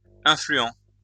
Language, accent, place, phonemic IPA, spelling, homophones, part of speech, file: French, France, Lyon, /ɛ̃.fly.ɑ̃/, influents, influent, adjective, LL-Q150 (fra)-influents.wav
- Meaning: masculine plural of influent